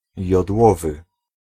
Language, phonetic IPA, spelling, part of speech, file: Polish, [jɔdˈwɔvɨ], jodłowy, adjective, Pl-jodłowy.ogg